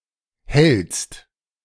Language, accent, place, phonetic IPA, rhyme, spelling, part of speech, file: German, Germany, Berlin, [hɛlt͡st], -ɛlt͡st, hältst, verb, De-hältst.ogg
- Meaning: second-person singular present of halten